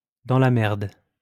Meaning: in the shit, up shit creek, in deep shit
- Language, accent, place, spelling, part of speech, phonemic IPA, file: French, France, Lyon, dans la merde, prepositional phrase, /dɑ̃ la mɛʁd/, LL-Q150 (fra)-dans la merde.wav